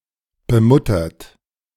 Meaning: 1. past participle of bemuttern 2. inflection of bemuttern: third-person singular present 3. inflection of bemuttern: second-person plural present 4. inflection of bemuttern: plural imperative
- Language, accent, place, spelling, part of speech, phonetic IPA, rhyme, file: German, Germany, Berlin, bemuttert, verb, [bəˈmʊtɐt], -ʊtɐt, De-bemuttert.ogg